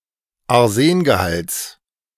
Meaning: genitive singular of Arsengehalt
- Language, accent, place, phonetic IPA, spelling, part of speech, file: German, Germany, Berlin, [aʁˈzeːnɡəˌhalt͡s], Arsengehalts, noun, De-Arsengehalts.ogg